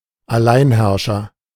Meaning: absolute ruler; autocrat
- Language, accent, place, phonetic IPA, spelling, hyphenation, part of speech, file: German, Germany, Berlin, [aˈlaɪ̯nˌhɛʁʃɐ], Alleinherrscher, Al‧lein‧herr‧scher, noun, De-Alleinherrscher.ogg